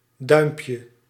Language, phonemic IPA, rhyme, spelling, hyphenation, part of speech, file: Dutch, /ˈdœy̯mpjə/, -œy̯mpjə, duimpje, duim‧pje, noun, Nl-duimpje.ogg
- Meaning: diminutive of duim